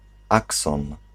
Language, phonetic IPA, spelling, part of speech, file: Polish, [ˈaksɔ̃n], akson, noun, Pl-akson.ogg